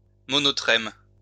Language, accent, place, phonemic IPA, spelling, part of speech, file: French, France, Lyon, /mɔ.nɔ.tʁɛm/, monotrème, noun, LL-Q150 (fra)-monotrème.wav
- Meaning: monotreme